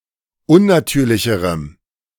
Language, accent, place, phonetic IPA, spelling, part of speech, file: German, Germany, Berlin, [ˈʊnnaˌtyːɐ̯lɪçəʁəm], unnatürlicherem, adjective, De-unnatürlicherem.ogg
- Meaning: strong dative masculine/neuter singular comparative degree of unnatürlich